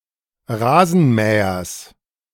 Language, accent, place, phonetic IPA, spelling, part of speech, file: German, Germany, Berlin, [ˈʁaːzn̩ˌmɛːɐs], Rasenmähers, noun, De-Rasenmähers.ogg
- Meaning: genitive singular of Rasenmäher